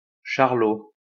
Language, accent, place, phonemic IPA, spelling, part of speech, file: French, France, Lyon, /ʃaʁ.lo/, Charlot, proper noun, LL-Q150 (fra)-Charlot.wav
- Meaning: 1. a diminutive of the male given name Charles, feminine equivalent Charlotte 2. the Tramp (character portrayed by Charlie Chaplin)